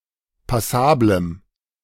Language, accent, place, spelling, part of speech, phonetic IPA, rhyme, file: German, Germany, Berlin, passablem, adjective, [paˈsaːbləm], -aːbləm, De-passablem.ogg
- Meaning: strong dative masculine/neuter singular of passabel